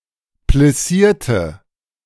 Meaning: inflection of plissieren: 1. first/third-person singular preterite 2. first/third-person singular subjunctive II
- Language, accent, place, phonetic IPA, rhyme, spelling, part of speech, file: German, Germany, Berlin, [plɪˈsiːɐ̯tə], -iːɐ̯tə, plissierte, adjective / verb, De-plissierte.ogg